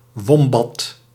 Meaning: wombat
- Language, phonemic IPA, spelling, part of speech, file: Dutch, /ˈʋɔm.bɑt/, wombat, noun, Nl-wombat.ogg